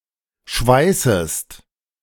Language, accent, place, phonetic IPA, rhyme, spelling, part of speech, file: German, Germany, Berlin, [ˈʃvaɪ̯səst], -aɪ̯səst, schweißest, verb, De-schweißest.ogg
- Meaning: second-person singular subjunctive I of schweißen